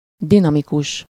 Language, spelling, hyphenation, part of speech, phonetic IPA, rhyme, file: Hungarian, dinamikus, di‧na‧mi‧kus, adjective, [ˈdinɒmikuʃ], -uʃ, Hu-dinamikus.ogg
- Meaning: dynamic